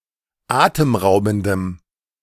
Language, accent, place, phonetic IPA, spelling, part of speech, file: German, Germany, Berlin, [ˈaːtəmˌʁaʊ̯bn̩dəm], atemraubendem, adjective, De-atemraubendem.ogg
- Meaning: strong dative masculine/neuter singular of atemraubend